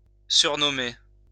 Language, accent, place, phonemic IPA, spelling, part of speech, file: French, France, Lyon, /syʁ.nɔ.me/, surnommer, verb, LL-Q150 (fra)-surnommer.wav
- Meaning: to nickname